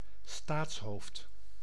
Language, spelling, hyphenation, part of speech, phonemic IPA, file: Dutch, staatshoofd, staats‧hoofd, noun, /ˈstaːts.ɦoːft/, Nl-staatshoofd.ogg
- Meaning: head of state